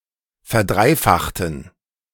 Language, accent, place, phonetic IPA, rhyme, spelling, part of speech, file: German, Germany, Berlin, [fɛɐ̯ˈdʁaɪ̯ˌfaxtn̩], -aɪ̯faxtn̩, verdreifachten, adjective / verb, De-verdreifachten.ogg
- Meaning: inflection of verdreifachen: 1. first/third-person plural preterite 2. first/third-person plural subjunctive II